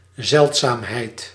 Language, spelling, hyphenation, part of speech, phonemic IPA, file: Dutch, zeldzaamheid, zeld‧zaam‧heid, noun, /ˈzɛlt.saːmˌɦɛi̯t/, Nl-zeldzaamheid.ogg
- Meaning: rarity